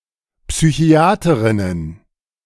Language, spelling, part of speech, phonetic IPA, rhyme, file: German, Psychiaterinnen, noun, [psyˈçi̯aːtəʁɪnən], -aːtəʁɪnən, De-Psychiaterinnen.oga
- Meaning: plural of Psychiaterin